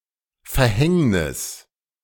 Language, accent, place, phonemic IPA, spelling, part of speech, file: German, Germany, Berlin, /fɛɐ̯ˈhɛŋnɪs/, Verhängnis, noun, De-Verhängnis.ogg
- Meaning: fatality, fate